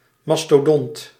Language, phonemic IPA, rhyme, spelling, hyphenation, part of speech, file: Dutch, /ˌmɑs.toːˈdɔnt/, -ɔnt, mastodont, mas‧to‧dont, noun, Nl-mastodont.ogg
- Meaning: 1. mastodon, mammal of the family Mammutidae, especially of the genus Mammut 2. someone or something of enormous size